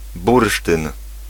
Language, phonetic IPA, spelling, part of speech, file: Polish, [ˈburʃtɨ̃n], bursztyn, noun, Pl-bursztyn.ogg